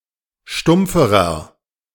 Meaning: inflection of stumpf: 1. strong/mixed nominative masculine singular comparative degree 2. strong genitive/dative feminine singular comparative degree 3. strong genitive plural comparative degree
- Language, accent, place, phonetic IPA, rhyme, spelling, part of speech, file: German, Germany, Berlin, [ˈʃtʊmp͡fəʁɐ], -ʊmp͡fəʁɐ, stumpferer, adjective, De-stumpferer.ogg